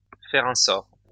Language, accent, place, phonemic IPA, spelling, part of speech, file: French, France, Lyon, /fɛʁ œ̃ sɔʁ/, faire un sort, verb, LL-Q150 (fra)-faire un sort.wav
- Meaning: to make short work of, to eat voraciously